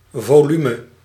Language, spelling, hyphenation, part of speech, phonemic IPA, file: Dutch, volume, vo‧lu‧me, noun, /ˌvoːˈly.mə/, Nl-volume.ogg
- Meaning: 1. volume (three-dimensional quantity of space) 2. volume (sound level) 3. volume, book (single book as an instalment in a series)